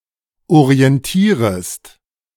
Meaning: second-person singular subjunctive I of orientieren
- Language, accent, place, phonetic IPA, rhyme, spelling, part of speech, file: German, Germany, Berlin, [oʁiɛnˈtiːʁəst], -iːʁəst, orientierest, verb, De-orientierest.ogg